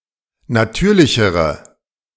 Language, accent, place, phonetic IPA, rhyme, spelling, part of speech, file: German, Germany, Berlin, [naˈtyːɐ̯lɪçəʁə], -yːɐ̯lɪçəʁə, natürlichere, adjective, De-natürlichere.ogg
- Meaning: inflection of natürlich: 1. strong/mixed nominative/accusative feminine singular comparative degree 2. strong nominative/accusative plural comparative degree